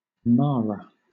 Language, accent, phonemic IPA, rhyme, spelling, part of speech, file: English, Southern England, /ˈmɑːɹə/, -ɑːɹə, Marah, proper noun, LL-Q1860 (eng)-Marah.wav
- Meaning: 1. A female given name from Arabic, from Arabic, which means merriness, cheerfulness 2. A female given name from Hebrew, from Hebrew which means bitterness. Biblical variant: Mara